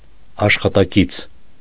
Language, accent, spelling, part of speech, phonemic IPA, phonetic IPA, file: Armenian, Eastern Armenian, աշխատակից, noun, /ɑʃχɑtɑˈkit͡sʰ/, [ɑʃχɑtɑkít͡sʰ], Hy-աշխատակից .ogg
- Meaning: 1. colleague, fellow worker 2. employee